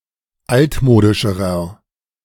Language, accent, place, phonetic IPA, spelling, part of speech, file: German, Germany, Berlin, [ˈaltˌmoːdɪʃəʁɐ], altmodischerer, adjective, De-altmodischerer.ogg
- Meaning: inflection of altmodisch: 1. strong/mixed nominative masculine singular comparative degree 2. strong genitive/dative feminine singular comparative degree 3. strong genitive plural comparative degree